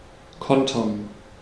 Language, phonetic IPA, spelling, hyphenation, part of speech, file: German, [ˈkɔntɐn], kontern, kon‧tern, verb, De-kontern.ogg
- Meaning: to counter